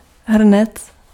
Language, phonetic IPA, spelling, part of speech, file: Czech, [ˈɦr̩nɛt͡s], hrnec, noun, Cs-hrnec.ogg
- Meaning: pot (vessel)